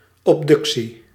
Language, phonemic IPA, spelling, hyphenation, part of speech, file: Dutch, /ˌɔpˈdʏk.si/, obductie, ob‧duc‧tie, noun, Nl-obductie.ogg
- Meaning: 1. autopsy 2. autopsy requiring the express consent of relatives